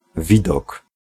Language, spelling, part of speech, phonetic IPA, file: Polish, widok, noun, [ˈvʲidɔk], Pl-widok.ogg